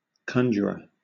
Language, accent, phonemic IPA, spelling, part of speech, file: English, Southern England, /ˈkʌnd͡ʒəɹə(ɹ)/, conjurer, noun, LL-Q1860 (eng)-conjurer.wav
- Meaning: 1. One who conjures, a magician 2. One who performs parlor tricks, sleight of hand 3. One who conjures; one who calls, entreats, or charges in a solemn manner